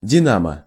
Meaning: 1. dynamo 2. woman or girl who flirts without offering (promised) sex; cocktease
- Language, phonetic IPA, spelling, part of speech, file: Russian, [dʲɪˈnamə], динамо, noun, Ru-динамо.ogg